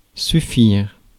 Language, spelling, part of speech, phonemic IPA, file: French, suffire, verb, /sy.fiʁ/, Fr-suffire.ogg
- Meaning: to be enough, to suffice